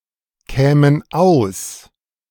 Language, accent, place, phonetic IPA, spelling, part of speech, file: German, Germany, Berlin, [ˌkɛːmən ˈaʊ̯s], kämen aus, verb, De-kämen aus.ogg
- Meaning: first/third-person plural subjunctive II of auskommen